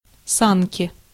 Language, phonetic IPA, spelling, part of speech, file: Russian, [ˈsankʲɪ], санки, noun, Ru-санки.ogg
- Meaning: diminutive of са́ни (sáni): (small) sledge, sled, sleigh, kicksled